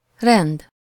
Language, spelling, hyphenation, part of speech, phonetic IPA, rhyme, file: Hungarian, rend, rend, noun, [ˈrɛnd], -ɛnd, Hu-rend.ogg
- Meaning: 1. order (the state of being well-arranged) 2. order (conformity with law or decorum; freedom from disturbance; general tranquillity; public quiet)